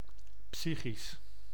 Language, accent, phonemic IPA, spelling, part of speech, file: Dutch, Netherlands, /ˈpsixis/, psychisch, adjective, Nl-psychisch.ogg
- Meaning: psychical, mental